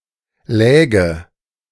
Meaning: first/third-person singular subjunctive II of liegen
- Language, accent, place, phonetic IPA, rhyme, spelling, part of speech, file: German, Germany, Berlin, [ˈlɛːɡə], -ɛːɡə, läge, verb, De-läge.ogg